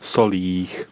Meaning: locative plural of sůl
- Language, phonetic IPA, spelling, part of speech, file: Czech, [ˈsoliːx], solích, noun, Cs-solích.ogg